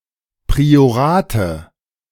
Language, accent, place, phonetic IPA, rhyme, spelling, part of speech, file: German, Germany, Berlin, [pʁioˈʁaːtə], -aːtə, Priorate, noun, De-Priorate.ogg
- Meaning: nominative/accusative/genitive plural of Priorat